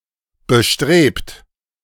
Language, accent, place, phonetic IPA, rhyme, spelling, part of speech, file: German, Germany, Berlin, [bəˈʃtʁeːpt], -eːpt, bestrebt, verb, De-bestrebt.ogg
- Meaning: 1. past participle of bestreben 2. inflection of bestreben: second-person plural present 3. inflection of bestreben: third-person singular present 4. inflection of bestreben: plural imperative